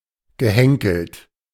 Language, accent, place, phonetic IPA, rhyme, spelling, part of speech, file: German, Germany, Berlin, [ɡəˈhɛŋkl̩t], -ɛŋkl̩t, gehenkelt, adjective, De-gehenkelt.ogg
- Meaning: handled (having one or more handles)